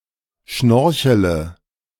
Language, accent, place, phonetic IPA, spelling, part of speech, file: German, Germany, Berlin, [ˈʃnɔʁçələ], schnorchele, verb, De-schnorchele.ogg
- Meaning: inflection of schnorcheln: 1. first-person singular present 2. first/third-person singular subjunctive I 3. singular imperative